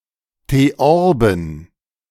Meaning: plural of Theorbe
- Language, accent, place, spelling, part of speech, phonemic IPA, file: German, Germany, Berlin, Theorben, noun, /teˈɔʁbn̩/, De-Theorben.ogg